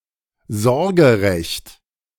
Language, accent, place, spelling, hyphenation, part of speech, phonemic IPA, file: German, Germany, Berlin, Sorgerecht, Sor‧ge‧recht, noun, /ˈzɔʁɡəˌʁɛçt/, De-Sorgerecht.ogg
- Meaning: custody